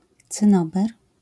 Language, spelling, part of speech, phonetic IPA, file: Polish, cynober, noun, [t͡sɨ̃ˈnɔbɛr], LL-Q809 (pol)-cynober.wav